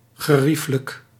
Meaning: very comfortable
- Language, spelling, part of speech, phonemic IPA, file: Dutch, gerieflijk, adjective, /ɣəˈriflək/, Nl-gerieflijk.ogg